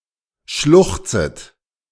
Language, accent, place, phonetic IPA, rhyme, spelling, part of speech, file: German, Germany, Berlin, [ˈʃlʊxt͡sət], -ʊxt͡sət, schluchzet, verb, De-schluchzet.ogg
- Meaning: second-person plural subjunctive I of schluchzen